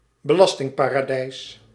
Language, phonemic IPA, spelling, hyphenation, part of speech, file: Dutch, /bəˈlɑs.tɪŋ.paː.raːˌdɛi̯s/, belastingparadijs, be‧las‧ting‧pa‧ra‧dijs, noun, Nl-belastingparadijs.ogg
- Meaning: tax haven